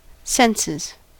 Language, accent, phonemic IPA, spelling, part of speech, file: English, US, /ˈsɛnsɪz/, senses, noun / verb, En-us-senses.ogg
- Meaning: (noun) plural of sense; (verb) third-person singular simple present indicative of sense